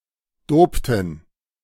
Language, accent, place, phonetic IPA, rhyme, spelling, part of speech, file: German, Germany, Berlin, [ˈdoːptn̩], -oːptn̩, dopten, verb, De-dopten.ogg
- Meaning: inflection of dopen: 1. first/third-person plural preterite 2. first/third-person plural subjunctive II